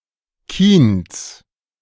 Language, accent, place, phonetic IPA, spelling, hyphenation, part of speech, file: German, Germany, Berlin, [ˈkiːns], Kiens, Kiens, noun / proper noun, De-Kiens.ogg
- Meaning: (noun) genitive singular of Kien; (proper noun) a municipality of South Tyrol, Italy